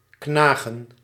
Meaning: to gnaw
- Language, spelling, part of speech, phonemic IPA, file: Dutch, knagen, verb, /ˈknaː.ɣə(n)/, Nl-knagen.ogg